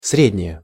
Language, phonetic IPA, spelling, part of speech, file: Russian, [ˈsrʲedʲnʲɪje], среднее, noun / adjective, Ru-среднее.ogg
- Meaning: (noun) average, mean, average value, mean value; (adjective) neuter singular of сре́дний (srédnij)